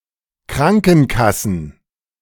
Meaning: plural of Krankenkasse
- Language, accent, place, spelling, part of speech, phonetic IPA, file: German, Germany, Berlin, Krankenkassen, noun, [ˈkʁaŋkn̩kasn̩], De-Krankenkassen.ogg